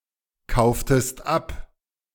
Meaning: inflection of abkaufen: 1. second-person singular preterite 2. second-person singular subjunctive II
- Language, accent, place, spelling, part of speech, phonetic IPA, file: German, Germany, Berlin, kauftest ab, verb, [ˌkaʊ̯ftəst ˈap], De-kauftest ab.ogg